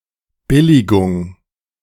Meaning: approval, acceptance
- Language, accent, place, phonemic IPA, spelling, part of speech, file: German, Germany, Berlin, /ˈbɪlɪɡʊŋ/, Billigung, noun, De-Billigung.ogg